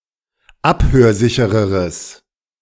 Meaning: strong/mixed nominative/accusative neuter singular comparative degree of abhörsicher
- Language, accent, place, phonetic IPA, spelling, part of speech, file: German, Germany, Berlin, [ˈaphøːɐ̯ˌzɪçəʁəʁəs], abhörsichereres, adjective, De-abhörsichereres.ogg